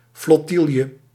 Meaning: flotilla
- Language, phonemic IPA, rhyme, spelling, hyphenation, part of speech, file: Dutch, /ˌflɔˈtil.jə/, -iljə, flottielje, flot‧tiel‧je, noun, Nl-flottielje.ogg